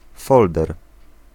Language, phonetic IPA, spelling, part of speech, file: Polish, [ˈfɔldɛr], folder, noun, Pl-folder.ogg